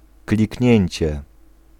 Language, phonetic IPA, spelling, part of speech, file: Polish, [klʲicˈɲɛ̇̃ɲt͡ɕɛ], kliknięcie, noun, Pl-kliknięcie.ogg